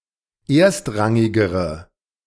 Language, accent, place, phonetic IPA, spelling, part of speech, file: German, Germany, Berlin, [ˈeːɐ̯stˌʁaŋɪɡəʁə], erstrangigere, adjective, De-erstrangigere.ogg
- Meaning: inflection of erstrangig: 1. strong/mixed nominative/accusative feminine singular comparative degree 2. strong nominative/accusative plural comparative degree